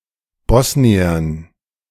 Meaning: dative plural of Bosnier
- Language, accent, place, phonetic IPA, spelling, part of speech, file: German, Germany, Berlin, [ˈbɔsniɐn], Bosniern, noun, De-Bosniern.ogg